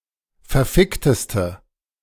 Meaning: inflection of verfickt: 1. strong/mixed nominative/accusative feminine singular superlative degree 2. strong nominative/accusative plural superlative degree
- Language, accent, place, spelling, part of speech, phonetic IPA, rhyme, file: German, Germany, Berlin, verfickteste, adjective, [fɛɐ̯ˈfɪktəstə], -ɪktəstə, De-verfickteste.ogg